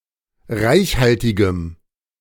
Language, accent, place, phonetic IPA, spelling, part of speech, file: German, Germany, Berlin, [ˈʁaɪ̯çˌhaltɪɡəm], reichhaltigem, adjective, De-reichhaltigem.ogg
- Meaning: strong dative masculine/neuter singular of reichhaltig